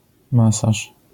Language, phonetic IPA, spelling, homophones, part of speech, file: Polish, [ˈmasaʃ], masarz, masaż, noun, LL-Q809 (pol)-masarz.wav